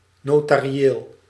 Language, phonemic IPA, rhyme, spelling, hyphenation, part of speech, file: Dutch, /ˌnoː.taː.riˈeːl/, -eːl, notarieel, no‧ta‧ri‧eel, adjective, Nl-notarieel.ogg
- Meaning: notarial